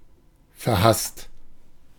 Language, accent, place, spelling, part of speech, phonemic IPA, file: German, Germany, Berlin, verhasst, verb / adjective, /fɛɐ̯ˈhast/, De-verhasst.ogg
- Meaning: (verb) past participle of verhassen; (adjective) loathed